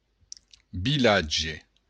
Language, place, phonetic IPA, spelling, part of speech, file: Occitan, Béarn, [biˈladʒe], vilatge, noun, LL-Q14185 (oci)-vilatge.wav
- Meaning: village